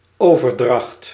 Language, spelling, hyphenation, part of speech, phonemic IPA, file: Dutch, overdracht, over‧dracht, noun, /ˈoː.vərˌdrɑxt/, Nl-overdracht.ogg
- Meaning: 1. transfer 2. transference 3. transmission